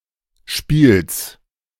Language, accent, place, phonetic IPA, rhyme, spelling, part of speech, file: German, Germany, Berlin, [ʃpiːls], -iːls, Spiels, noun, De-Spiels.ogg
- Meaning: genitive singular of Spiel